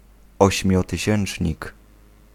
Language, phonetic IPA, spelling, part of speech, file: Polish, [ˌɔɕmʲjɔtɨˈɕɛ̃n͇t͡ʃʲɲik], ośmiotysięcznik, noun, Pl-ośmiotysięcznik.ogg